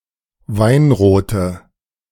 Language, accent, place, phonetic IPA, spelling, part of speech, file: German, Germany, Berlin, [ˈvaɪ̯nʁoːtə], weinrote, adjective, De-weinrote.ogg
- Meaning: inflection of weinrot: 1. strong/mixed nominative/accusative feminine singular 2. strong nominative/accusative plural 3. weak nominative all-gender singular 4. weak accusative feminine/neuter singular